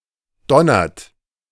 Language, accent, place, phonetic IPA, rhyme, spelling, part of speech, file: German, Germany, Berlin, [ˈdɔnɐt], -ɔnɐt, donnert, verb, De-donnert.ogg
- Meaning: inflection of donnern: 1. third-person singular present 2. second-person plural present 3. plural imperative